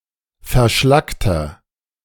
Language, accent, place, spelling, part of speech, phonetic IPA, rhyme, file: German, Germany, Berlin, verschlackter, adjective, [fɛɐ̯ˈʃlaktɐ], -aktɐ, De-verschlackter.ogg
- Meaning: inflection of verschlackt: 1. strong/mixed nominative masculine singular 2. strong genitive/dative feminine singular 3. strong genitive plural